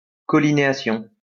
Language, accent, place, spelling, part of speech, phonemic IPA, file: French, France, Lyon, collinéation, noun, /kɔ.li.ne.a.sjɔ̃/, LL-Q150 (fra)-collinéation.wav
- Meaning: collineation, congruence